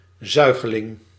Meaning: suckling, infant which isn't weaned yet
- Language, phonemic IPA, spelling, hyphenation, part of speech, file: Dutch, /ˈzœy̯.ɣəˌlɪŋ/, zuigeling, zui‧ge‧ling, noun, Nl-zuigeling.ogg